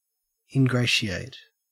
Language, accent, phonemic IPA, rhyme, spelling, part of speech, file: English, Australia, /ɪnˈɡɹeɪ.ʃi.eɪt/, -eɪʃieɪt, ingratiate, verb, En-au-ingratiate.ogg
- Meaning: 1. To bring oneself into favour with someone by flattering or trying to please them; to insinuate oneself; to worm one's way in 2. To recommend; to render easy or agreeable